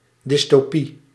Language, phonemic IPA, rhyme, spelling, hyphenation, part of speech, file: Dutch, /ˌdɪs.toːˈpi/, -i, dystopie, dys‧to‧pie, noun, Nl-dystopie.ogg
- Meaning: dystopia